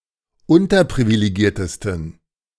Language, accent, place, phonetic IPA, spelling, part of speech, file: German, Germany, Berlin, [ˈʊntɐpʁivileˌɡiːɐ̯təstn̩], unterprivilegiertesten, adjective, De-unterprivilegiertesten.ogg
- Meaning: 1. superlative degree of unterprivilegiert 2. inflection of unterprivilegiert: strong genitive masculine/neuter singular superlative degree